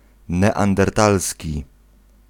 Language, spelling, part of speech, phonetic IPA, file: Polish, neandertalski, adjective, [ˌnɛãndɛrˈtalsʲci], Pl-neandertalski.ogg